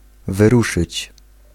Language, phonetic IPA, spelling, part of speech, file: Polish, [vɨˈruʃɨt͡ɕ], wyruszyć, verb, Pl-wyruszyć.ogg